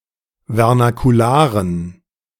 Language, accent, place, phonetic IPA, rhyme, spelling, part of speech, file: German, Germany, Berlin, [vɛʁnakuˈlaːʁən], -aːʁən, vernakularen, adjective, De-vernakularen.ogg
- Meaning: inflection of vernakular: 1. strong genitive masculine/neuter singular 2. weak/mixed genitive/dative all-gender singular 3. strong/weak/mixed accusative masculine singular 4. strong dative plural